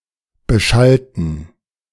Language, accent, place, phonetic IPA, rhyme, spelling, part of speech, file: German, Germany, Berlin, [bəˈʃaltn̩], -altn̩, beschallten, adjective / verb, De-beschallten.ogg
- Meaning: inflection of beschallen: 1. first/third-person plural preterite 2. first/third-person plural subjunctive II